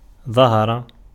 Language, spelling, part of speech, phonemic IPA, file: Arabic, ظهر, verb, /ðˤa.ha.ra/, Ar-ظهر.ogg
- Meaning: 1. to be outward, to be external, on the surface 2. to be visible, to become visible, to be manifest, to become manifest 3. to be perceptible, to become perceptible, to be obvious, to become obvious